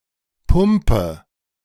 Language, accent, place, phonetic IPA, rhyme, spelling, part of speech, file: German, Germany, Berlin, [ˈpʊmpə], -ʊmpə, pumpe, verb, De-pumpe.ogg
- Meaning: inflection of pumpen: 1. first-person singular present 2. first/third-person singular subjunctive I 3. singular imperative